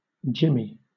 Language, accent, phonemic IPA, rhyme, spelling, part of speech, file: English, Southern England, /ˈd͡ʒɪmi/, -ɪmi, Jimmy, proper noun / noun, LL-Q1860 (eng)-Jimmy.wav
- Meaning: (proper noun) A diminutive of the male given names James and Jim, also used as a formal given name